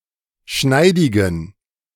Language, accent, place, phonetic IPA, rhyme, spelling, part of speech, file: German, Germany, Berlin, [ˈʃnaɪ̯dɪɡn̩], -aɪ̯dɪɡn̩, schneidigen, adjective, De-schneidigen.ogg
- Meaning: inflection of schneidig: 1. strong genitive masculine/neuter singular 2. weak/mixed genitive/dative all-gender singular 3. strong/weak/mixed accusative masculine singular 4. strong dative plural